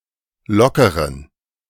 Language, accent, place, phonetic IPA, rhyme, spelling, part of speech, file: German, Germany, Berlin, [ˈlɔkəʁən], -ɔkəʁən, lockeren, adjective, De-lockeren.ogg
- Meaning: inflection of locker: 1. strong genitive masculine/neuter singular 2. weak/mixed genitive/dative all-gender singular 3. strong/weak/mixed accusative masculine singular 4. strong dative plural